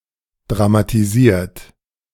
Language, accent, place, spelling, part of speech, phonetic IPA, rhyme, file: German, Germany, Berlin, dramatisiert, verb, [dʁamatiˈziːɐ̯t], -iːɐ̯t, De-dramatisiert.ogg
- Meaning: 1. past participle of dramatisieren 2. inflection of dramatisieren: third-person singular present 3. inflection of dramatisieren: second-person plural present